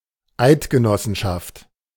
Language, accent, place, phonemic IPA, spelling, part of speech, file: German, Germany, Berlin, /ˈaɪ̯tɡəˌnɔsənʃaft/, Eidgenossenschaft, proper noun / noun, De-Eidgenossenschaft.ogg
- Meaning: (proper noun) short for Schweizerische Eidgenossenschaft: the Swiss Confederation; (noun) confederation, confederacy